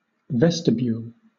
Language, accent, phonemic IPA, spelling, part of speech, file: English, Southern England, /ˈvɛ.stɪ.bjuːl/, vestibule, noun / verb, LL-Q1860 (eng)-vestibule.wav
- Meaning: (noun) A small entrance hall, antechamber, passage, or room between the outer door and the main hall, lobby, or interior of a building